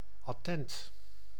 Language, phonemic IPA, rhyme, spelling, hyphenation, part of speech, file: Dutch, /ɑˈtɛnt/, -ɛnt, attent, at‧tent, adjective, Nl-attent.ogg
- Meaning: 1. observant, perceptive 2. thoughtful, considerate